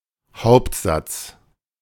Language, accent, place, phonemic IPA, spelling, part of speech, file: German, Germany, Berlin, /ˈhaʊ̯ptzats/, Hauptsatz, noun, De-Hauptsatz.ogg
- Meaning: 1. main clause (a clause that can stand alone syntactically) 2. fundamental theorem 3. law 4. first movement